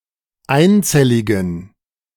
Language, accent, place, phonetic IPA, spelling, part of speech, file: German, Germany, Berlin, [ˈaɪ̯nˌt͡sɛlɪɡn̩], einzelligen, adjective, De-einzelligen.ogg
- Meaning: inflection of einzellig: 1. strong genitive masculine/neuter singular 2. weak/mixed genitive/dative all-gender singular 3. strong/weak/mixed accusative masculine singular 4. strong dative plural